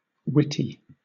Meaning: 1. Clever; amusingly ingenious 2. Full of wit 3. Quick of mind; insightful; in possession of wits 4. Wise, having good judgement
- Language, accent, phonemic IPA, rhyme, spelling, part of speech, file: English, Southern England, /ˈwɪti/, -ɪti, witty, adjective, LL-Q1860 (eng)-witty.wav